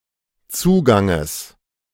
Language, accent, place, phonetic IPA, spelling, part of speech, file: German, Germany, Berlin, [ˈt͡suːɡaŋəs], Zuganges, noun, De-Zuganges.ogg
- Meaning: genitive singular of Zugang